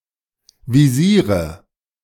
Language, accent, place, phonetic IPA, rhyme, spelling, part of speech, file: German, Germany, Berlin, [viˈziːʁə], -iːʁə, Visiere, noun, De-Visiere.ogg
- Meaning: nominative/accusative/genitive plural of Visier